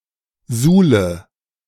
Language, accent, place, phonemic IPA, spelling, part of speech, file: German, Germany, Berlin, /ˈzuːlə/, Suhle, noun, De-Suhle.ogg
- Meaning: mire, wallow